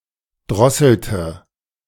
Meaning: inflection of drosseln: 1. first/third-person singular preterite 2. first/third-person singular subjunctive II
- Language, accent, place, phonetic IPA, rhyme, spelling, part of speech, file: German, Germany, Berlin, [ˈdʁɔsl̩tə], -ɔsl̩tə, drosselte, verb, De-drosselte.ogg